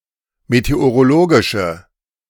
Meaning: inflection of meteorologisch: 1. strong/mixed nominative/accusative feminine singular 2. strong nominative/accusative plural 3. weak nominative all-gender singular
- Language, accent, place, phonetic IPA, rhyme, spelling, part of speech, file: German, Germany, Berlin, [meteoʁoˈloːɡɪʃə], -oːɡɪʃə, meteorologische, adjective, De-meteorologische.ogg